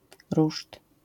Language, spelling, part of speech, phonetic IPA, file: Polish, ruszt, noun, [ruʃt], LL-Q809 (pol)-ruszt.wav